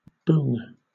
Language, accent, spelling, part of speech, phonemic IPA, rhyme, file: English, Southern England, boong, noun, /bʊŋ/, -ʊŋ, LL-Q1860 (eng)-boong.wav
- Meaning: 1. An Australian Aboriginal person 2. A native of New Guinea or Malaysia